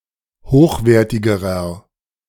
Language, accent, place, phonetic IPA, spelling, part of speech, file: German, Germany, Berlin, [ˈhoːxˌveːɐ̯tɪɡəʁɐ], hochwertigerer, adjective, De-hochwertigerer.ogg
- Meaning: inflection of hochwertig: 1. strong/mixed nominative masculine singular comparative degree 2. strong genitive/dative feminine singular comparative degree 3. strong genitive plural comparative degree